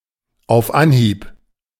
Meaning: first time, at first go, instantly
- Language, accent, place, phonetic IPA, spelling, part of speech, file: German, Germany, Berlin, [aʊ̯f ˈanˌhiːp], auf Anhieb, phrase, De-auf Anhieb.ogg